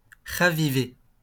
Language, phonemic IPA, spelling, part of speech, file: French, /ʁa.vi.ve/, raviver, verb, LL-Q150 (fra)-raviver.wav
- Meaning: 1. to revive 2. to rekindle (a fire)